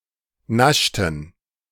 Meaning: inflection of naschen: 1. first/third-person plural preterite 2. first/third-person plural subjunctive II
- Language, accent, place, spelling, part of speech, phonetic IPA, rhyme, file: German, Germany, Berlin, naschten, verb, [ˈnaʃtn̩], -aʃtn̩, De-naschten.ogg